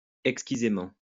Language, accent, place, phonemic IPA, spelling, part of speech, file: French, France, Lyon, /ɛk.ski.ze.mɑ̃/, exquisément, adverb, LL-Q150 (fra)-exquisément.wav
- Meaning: exquisitely